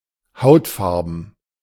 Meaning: skin-coloured
- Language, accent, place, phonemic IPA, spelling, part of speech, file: German, Germany, Berlin, /ˈhaʊ̯tˌfaʁbn̩/, hautfarben, adjective, De-hautfarben.ogg